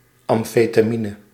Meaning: amphetamine
- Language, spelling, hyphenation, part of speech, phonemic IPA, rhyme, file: Dutch, amfetamine, am‧fe‧ta‧mi‧ne, noun, /ˌɑm.feː.taːˈmi.nə/, -inə, Nl-amfetamine.ogg